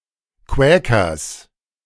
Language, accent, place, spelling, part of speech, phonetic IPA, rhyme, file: German, Germany, Berlin, Quäkers, noun, [ˈkvɛːkɐs], -ɛːkɐs, De-Quäkers.ogg
- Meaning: genitive singular of Quäker